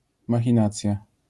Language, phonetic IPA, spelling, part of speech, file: Polish, [ˌmaxʲĩˈnat͡sʲja], machinacja, noun, LL-Q809 (pol)-machinacja.wav